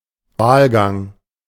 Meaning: ballot (round of voting)
- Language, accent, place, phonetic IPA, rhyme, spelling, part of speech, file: German, Germany, Berlin, [ˈvaːlˌɡaŋ], -aːlɡaŋ, Wahlgang, noun, De-Wahlgang.ogg